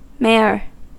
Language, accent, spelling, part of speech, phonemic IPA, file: English, US, mare, noun, /mɛɚ/, En-us-mare.ogg
- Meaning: 1. An adult female horse 2. A foolish woman